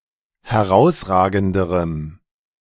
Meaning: strong dative masculine/neuter singular comparative degree of herausragend
- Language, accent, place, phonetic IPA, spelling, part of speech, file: German, Germany, Berlin, [hɛˈʁaʊ̯sˌʁaːɡn̩dəʁəm], herausragenderem, adjective, De-herausragenderem.ogg